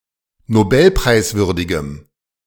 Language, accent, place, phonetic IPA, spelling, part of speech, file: German, Germany, Berlin, [noˈbɛlpʁaɪ̯sˌvʏʁdɪɡəm], nobelpreiswürdigem, adjective, De-nobelpreiswürdigem.ogg
- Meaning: strong dative masculine/neuter singular of nobelpreiswürdig